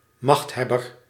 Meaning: someone who holds power
- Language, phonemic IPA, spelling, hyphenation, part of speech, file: Dutch, /ˈmɑxthɛbər/, machthebber, macht‧heb‧ber, noun, Nl-machthebber.ogg